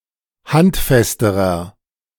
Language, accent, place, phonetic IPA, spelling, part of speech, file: German, Germany, Berlin, [ˈhantˌfɛstəʁɐ], handfesterer, adjective, De-handfesterer.ogg
- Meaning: inflection of handfest: 1. strong/mixed nominative masculine singular comparative degree 2. strong genitive/dative feminine singular comparative degree 3. strong genitive plural comparative degree